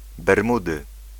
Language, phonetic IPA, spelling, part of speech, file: Polish, [bɛrˈmudɨ], Bermudy, proper noun, Pl-Bermudy.ogg